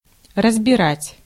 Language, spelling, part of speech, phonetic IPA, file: Russian, разбирать, verb, [rəzbʲɪˈratʲ], Ru-разбирать.ogg
- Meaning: 1. to dismantle, to disassemble, to take apart, to deconstruct 2. to analyse, to parse 3. to agitate, to disturb, to trouble